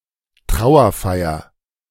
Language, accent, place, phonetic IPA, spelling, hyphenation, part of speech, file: German, Germany, Berlin, [ˈtʁaʊ̯ɐˌfaɪ̯ɐ], Trauerfeier, Trau‧er‧fei‧er, noun, De-Trauerfeier.ogg
- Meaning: funeral ceremony, funeral service